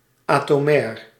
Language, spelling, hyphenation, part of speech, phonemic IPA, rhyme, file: Dutch, atomair, ato‧mair, adjective, /ˌaː.toːˈmɛːr/, -ɛːr, Nl-atomair.ogg
- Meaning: 1. atomic (of or relating to atoms) 2. atomic (of or relating to nuclear weapons)